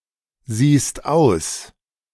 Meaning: second-person singular present of aussehen
- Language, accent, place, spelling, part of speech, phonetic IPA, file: German, Germany, Berlin, siehst aus, verb, [ˌziːst ˈaʊ̯s], De-siehst aus.ogg